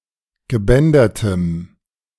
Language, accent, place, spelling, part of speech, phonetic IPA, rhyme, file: German, Germany, Berlin, gebändertem, adjective, [ɡəˈbɛndɐtəm], -ɛndɐtəm, De-gebändertem.ogg
- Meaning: strong dative masculine/neuter singular of gebändert